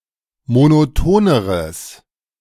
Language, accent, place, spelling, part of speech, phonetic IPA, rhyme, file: German, Germany, Berlin, monotoneres, adjective, [monoˈtoːnəʁəs], -oːnəʁəs, De-monotoneres.ogg
- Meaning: strong/mixed nominative/accusative neuter singular comparative degree of monoton